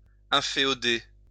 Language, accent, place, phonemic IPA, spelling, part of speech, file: French, France, Lyon, /ɛ̃.fe.ɔ.de/, inféoder, verb, LL-Q150 (fra)-inféoder.wav
- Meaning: 1. to infeudate 2. to subjugate, to subdue